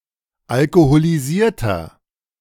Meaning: 1. comparative degree of alkoholisiert 2. inflection of alkoholisiert: strong/mixed nominative masculine singular 3. inflection of alkoholisiert: strong genitive/dative feminine singular
- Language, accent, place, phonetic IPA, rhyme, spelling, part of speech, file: German, Germany, Berlin, [alkoholiˈziːɐ̯tɐ], -iːɐ̯tɐ, alkoholisierter, adjective, De-alkoholisierter.ogg